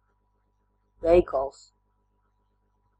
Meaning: 1. shop, store (a commercial enterprise; its specific location, where goods are sold) 2. commercial or financial activity, transaction
- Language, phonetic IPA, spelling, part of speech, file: Latvian, [ˈvɛ̄īkals], veikals, noun, Lv-veikals.ogg